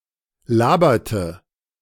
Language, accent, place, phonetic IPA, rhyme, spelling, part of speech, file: German, Germany, Berlin, [ˈlaːbɐtə], -aːbɐtə, laberte, verb, De-laberte.ogg
- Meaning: inflection of labern: 1. first/third-person singular preterite 2. first/third-person singular subjunctive II